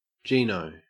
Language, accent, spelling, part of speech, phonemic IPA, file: English, Australia, gino, noun, /ˈd͡ʒinoʊ/, En-au-gino.ogg
- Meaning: A person of Mediterranean (especially Italian) descent, stereotypically regarded as shallow and materialistic